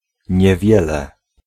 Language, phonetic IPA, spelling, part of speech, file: Polish, [ɲɛˈvʲjɛlɛ], niewiele, numeral, Pl-niewiele.ogg